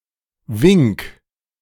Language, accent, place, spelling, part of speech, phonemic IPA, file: German, Germany, Berlin, Wink, noun, /vɪŋk/, De-Wink.ogg
- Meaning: 1. wave (a loose back-and-forth movement, as of the hands) 2. sign 3. hint, cue, suggestion